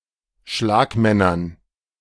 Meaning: dative plural of Schlagmann
- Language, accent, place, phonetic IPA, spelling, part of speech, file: German, Germany, Berlin, [ˈʃlaːkˌmɛnɐn], Schlagmännern, noun, De-Schlagmännern.ogg